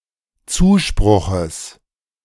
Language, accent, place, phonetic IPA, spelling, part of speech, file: German, Germany, Berlin, [ˈt͡suːˌʃpʁʊxəs], Zuspruches, noun, De-Zuspruches.ogg
- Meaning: genitive singular of Zuspruch